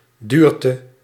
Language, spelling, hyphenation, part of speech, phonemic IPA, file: Dutch, duurte, duur‧te, noun, /ˈdyːr.tə/, Nl-duurte.ogg
- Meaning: dearth, scarcity; a period in which basic necessities such as food are scarce and therefore overly expensive